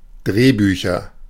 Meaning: nominative/accusative/genitive plural of Drehbuch
- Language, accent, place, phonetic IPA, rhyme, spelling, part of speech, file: German, Germany, Berlin, [ˈdʁeːˌbyːçɐ], -eːbyːçɐ, Drehbücher, noun, De-Drehbücher.ogg